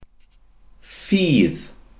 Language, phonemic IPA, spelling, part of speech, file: Welsh, /fiːð/, ffydd, noun, Cy-ffydd.ogg
- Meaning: faith